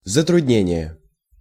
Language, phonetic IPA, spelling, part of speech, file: Russian, [zətrʊdʲˈnʲenʲɪje], затруднение, noun, Ru-затруднение.ogg
- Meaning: difficulty, trouble, impediment, encumbrance; obstruction